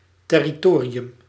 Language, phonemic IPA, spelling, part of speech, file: Dutch, /tɛrɪˈtoːriʏm/, territorium, noun, Nl-territorium.ogg
- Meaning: territory